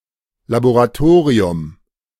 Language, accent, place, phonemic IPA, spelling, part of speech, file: German, Germany, Berlin, /laboʁaˈtoːʁiʊm/, Laboratorium, noun, De-Laboratorium.ogg
- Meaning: laboratory (room, building or institution equipped for scientific research)